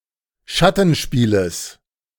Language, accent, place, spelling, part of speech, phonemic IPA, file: German, Germany, Berlin, Schattenspieles, noun, /ˈʃatənˌʃpiːləs/, De-Schattenspieles.ogg
- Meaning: genitive singular of Schattenspiel